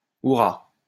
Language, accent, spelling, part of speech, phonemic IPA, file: French, France, hourrah, interjection / noun, /u.ʁa/, LL-Q150 (fra)-hourrah.wav
- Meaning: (interjection) alternative form of hurrah